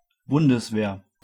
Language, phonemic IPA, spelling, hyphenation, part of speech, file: German, /ˈbʊndəsˌveːɐ̯/, Bundeswehr, Bun‧des‧wehr, proper noun, De-Bundeswehr.ogg
- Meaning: The national army of the Federal Republic of Germany